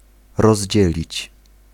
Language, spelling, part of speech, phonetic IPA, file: Polish, rozdzielić, verb, [rɔʑˈd͡ʑɛlʲit͡ɕ], Pl-rozdzielić.ogg